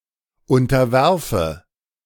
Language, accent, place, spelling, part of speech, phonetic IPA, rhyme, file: German, Germany, Berlin, unterwerfe, verb, [ˌʊntɐˈvɛʁfə], -ɛʁfə, De-unterwerfe.ogg
- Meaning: inflection of unterwerfen: 1. first-person singular present 2. first/third-person singular subjunctive I